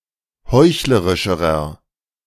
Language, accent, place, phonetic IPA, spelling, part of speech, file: German, Germany, Berlin, [ˈhɔɪ̯çləʁɪʃəʁɐ], heuchlerischerer, adjective, De-heuchlerischerer.ogg
- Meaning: inflection of heuchlerisch: 1. strong/mixed nominative masculine singular comparative degree 2. strong genitive/dative feminine singular comparative degree 3. strong genitive plural comparative degree